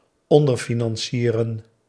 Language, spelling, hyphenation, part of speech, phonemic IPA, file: Dutch, onderfinancieren, on‧der‧fi‧nan‧cie‧ren, verb, /ˌɔn.dərˈfi.nɑn.siː.rə(n)/, Nl-onderfinancieren.ogg
- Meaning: to underfinance, to finance inadequately